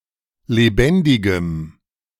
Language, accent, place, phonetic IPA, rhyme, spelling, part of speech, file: German, Germany, Berlin, [leˈbɛndɪɡəm], -ɛndɪɡəm, lebendigem, adjective, De-lebendigem.ogg
- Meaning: strong dative masculine/neuter singular of lebendig